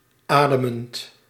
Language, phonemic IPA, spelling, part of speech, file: Dutch, /ˈadəmənt/, ademend, verb / adjective, Nl-ademend.ogg
- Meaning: present participle of ademen